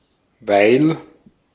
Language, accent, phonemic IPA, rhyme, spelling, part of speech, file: German, Austria, /vaɪ̯l/, -aɪ̯l, weil, conjunction, De-at-weil.ogg
- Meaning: 1. because, given that 2. while, during